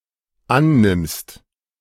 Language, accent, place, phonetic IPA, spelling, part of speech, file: German, Germany, Berlin, [ˈanˌnɪmst], annimmst, verb, De-annimmst.ogg
- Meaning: second-person singular dependent present of annehmen